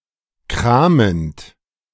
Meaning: present participle of kramen
- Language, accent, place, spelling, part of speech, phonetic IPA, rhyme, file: German, Germany, Berlin, kramend, verb, [ˈkʁaːmənt], -aːmənt, De-kramend.ogg